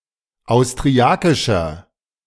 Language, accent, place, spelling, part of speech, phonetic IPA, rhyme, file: German, Germany, Berlin, austriakischer, adjective, [aʊ̯stʁiˈakɪʃɐ], -akɪʃɐ, De-austriakischer.ogg
- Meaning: inflection of austriakisch: 1. strong/mixed nominative masculine singular 2. strong genitive/dative feminine singular 3. strong genitive plural